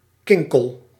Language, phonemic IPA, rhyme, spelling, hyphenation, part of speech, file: Dutch, /ˈkɪŋ.kəl/, -ɪŋkəl, kinkel, kin‧kel, noun, Nl-kinkel.ogg
- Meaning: a rube, a yokel, an unsophisticated person